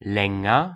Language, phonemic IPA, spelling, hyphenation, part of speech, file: German, /ˈlɛŋɐ/, länger, län‧ger, adjective, De-länger.ogg
- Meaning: comparative degree of lang